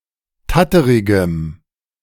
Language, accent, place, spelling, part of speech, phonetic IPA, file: German, Germany, Berlin, tatterigem, adjective, [ˈtatəʁɪɡəm], De-tatterigem.ogg
- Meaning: strong dative masculine/neuter singular of tatterig